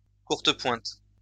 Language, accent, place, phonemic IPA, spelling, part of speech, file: French, France, Lyon, /kuʁ.tə.pwɛ̃t/, courtepointe, noun, LL-Q150 (fra)-courtepointe.wav
- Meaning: quilt